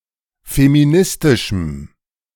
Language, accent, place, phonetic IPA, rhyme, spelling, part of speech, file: German, Germany, Berlin, [femiˈnɪstɪʃm̩], -ɪstɪʃm̩, feministischem, adjective, De-feministischem.ogg
- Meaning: strong dative masculine/neuter singular of feministisch